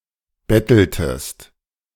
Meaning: inflection of betteln: 1. second-person singular preterite 2. second-person singular subjunctive II
- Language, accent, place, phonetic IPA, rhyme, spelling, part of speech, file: German, Germany, Berlin, [ˈbɛtl̩təst], -ɛtl̩təst, betteltest, verb, De-betteltest.ogg